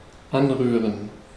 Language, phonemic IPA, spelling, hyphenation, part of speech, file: German, /ˈanˌʁyːʁən/, anrühren, an‧rüh‧ren, verb, De-anrühren.ogg
- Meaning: 1. to touch 2. to mix together, to whisk together 3. to bloom (hydrate ingredients (such as gelatin or yeast) before using them)